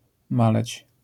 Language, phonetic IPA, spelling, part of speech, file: Polish, [ˈmalɛt͡ɕ], maleć, verb, LL-Q809 (pol)-maleć.wav